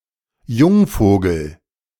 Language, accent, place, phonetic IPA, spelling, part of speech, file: German, Germany, Berlin, [ˈjʊŋˌfoːɡl̩], Jungvogel, noun, De-Jungvogel.ogg
- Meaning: chick (baby bird)